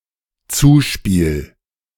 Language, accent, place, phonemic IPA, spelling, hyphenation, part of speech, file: German, Germany, Berlin, /ˈt͡suːˌʃpiːl/, Zuspiel, Zu‧spiel, noun, De-Zuspiel.ogg
- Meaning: pass